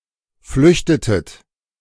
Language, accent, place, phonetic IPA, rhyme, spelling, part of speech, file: German, Germany, Berlin, [ˈflʏçtətət], -ʏçtətət, flüchtetet, verb, De-flüchtetet.ogg
- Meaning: inflection of flüchten: 1. second-person plural preterite 2. second-person plural subjunctive II